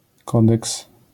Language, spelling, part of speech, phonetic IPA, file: Polish, kodeks, noun, [ˈkɔdɛks], LL-Q809 (pol)-kodeks.wav